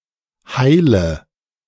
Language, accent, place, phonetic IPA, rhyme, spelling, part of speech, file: German, Germany, Berlin, [ˈhaɪ̯lə], -aɪ̯lə, heile, adjective / verb, De-heile.ogg
- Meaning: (adjective) alternative form of heil; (verb) inflection of heilen: 1. first-person singular present 2. first/third-person singular subjunctive I 3. singular imperative